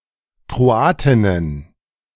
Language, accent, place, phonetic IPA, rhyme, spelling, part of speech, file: German, Germany, Berlin, [kʁoˈaːtɪnən], -aːtɪnən, Kroatinnen, noun, De-Kroatinnen.ogg
- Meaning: plural of Kroatin